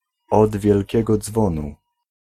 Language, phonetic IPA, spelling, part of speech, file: Polish, [ˌɔd‿vʲjɛlʲˈcɛɡɔ ˈd͡zvɔ̃nu], od wielkiego dzwonu, adverbial phrase / adjectival phrase, Pl-od wielkiego dzwonu.ogg